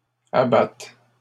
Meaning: second-person singular present subjunctive of abattre
- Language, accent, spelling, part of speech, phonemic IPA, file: French, Canada, abattes, verb, /a.bat/, LL-Q150 (fra)-abattes.wav